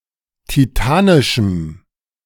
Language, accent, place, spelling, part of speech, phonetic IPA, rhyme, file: German, Germany, Berlin, titanischem, adjective, [tiˈtaːnɪʃm̩], -aːnɪʃm̩, De-titanischem.ogg
- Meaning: strong dative masculine/neuter singular of titanisch